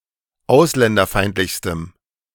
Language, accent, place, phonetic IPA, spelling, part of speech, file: German, Germany, Berlin, [ˈaʊ̯slɛndɐˌfaɪ̯ntlɪçstəm], ausländerfeindlichstem, adjective, De-ausländerfeindlichstem.ogg
- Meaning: strong dative masculine/neuter singular superlative degree of ausländerfeindlich